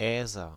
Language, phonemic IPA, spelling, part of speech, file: German, /ˈɛːzɐ/, Äser, noun, De-Äser.ogg
- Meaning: 1. mouth, muzzle, snout, agent noun of äsen 2. nominative/accusative/genitive plural of Aas